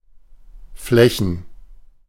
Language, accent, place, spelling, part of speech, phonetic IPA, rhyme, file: German, Germany, Berlin, Flächen, noun, [ˈflɛçn̩], -ɛçn̩, De-Flächen.ogg
- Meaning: plural of Fläche